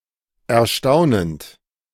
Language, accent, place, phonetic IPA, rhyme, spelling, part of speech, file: German, Germany, Berlin, [ɛɐ̯ˈʃtaʊ̯nənt], -aʊ̯nənt, erstaunend, verb, De-erstaunend.ogg
- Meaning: present participle of erstaunen